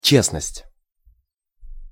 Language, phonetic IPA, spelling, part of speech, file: Russian, [ˈt͡ɕesnəsʲtʲ], честность, noun, Ru-честность.ogg
- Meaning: honesty (quality of being honest)